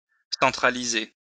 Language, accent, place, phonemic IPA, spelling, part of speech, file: French, France, Lyon, /sɑ̃.tʁa.li.ze/, centraliser, verb, LL-Q150 (fra)-centraliser.wav
- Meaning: to centralise